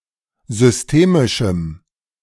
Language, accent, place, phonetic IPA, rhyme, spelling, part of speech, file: German, Germany, Berlin, [zʏsˈteːmɪʃm̩], -eːmɪʃm̩, systemischem, adjective, De-systemischem.ogg
- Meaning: strong dative masculine/neuter singular of systemisch